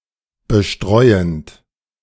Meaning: present participle of bestreuen
- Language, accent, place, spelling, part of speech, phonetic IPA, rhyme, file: German, Germany, Berlin, bestreuend, verb, [bəˈʃtʁɔɪ̯ənt], -ɔɪ̯ənt, De-bestreuend.ogg